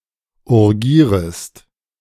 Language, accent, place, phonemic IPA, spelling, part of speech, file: German, Germany, Berlin, /ʊʁˈɡiːʁəst/, urgierest, verb, De-urgierest.ogg
- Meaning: second-person singular subjunctive I of urgieren